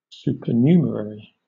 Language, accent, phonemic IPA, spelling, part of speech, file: English, Southern England, /ˌsuːpəˈnjuːm(ə)ɹ(ə)ɹi/, supernumerary, noun / adjective, LL-Q1860 (eng)-supernumerary.wav
- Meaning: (noun) A person who works in a group, association, or public office without forming part of the regular staff (the numerary)